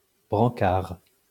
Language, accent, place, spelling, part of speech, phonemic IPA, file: French, France, Lyon, brancard, noun, /bʁɑ̃.kaʁ/, LL-Q150 (fra)-brancard.wav
- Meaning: 1. shaft (pole to attach a wagon, cart, etc. to an animal) 2. handle of a litter 3. stretcher